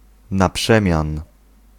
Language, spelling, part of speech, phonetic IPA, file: Polish, na przemian, adverbial phrase, [na‿ˈpʃɛ̃mʲjãn], Pl-na przemian.ogg